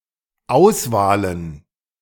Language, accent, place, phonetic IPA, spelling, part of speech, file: German, Germany, Berlin, [ˈaʊ̯sˌvaːlən], Auswahlen, noun, De-Auswahlen.ogg
- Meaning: plural of Auswahl